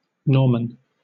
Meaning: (noun) A native or inhabitant of Normandy, France
- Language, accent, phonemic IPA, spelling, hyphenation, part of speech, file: English, Southern England, /ˈnɔːmən/, Norman, Nor‧man, noun / proper noun / adjective, LL-Q1860 (eng)-Norman.wav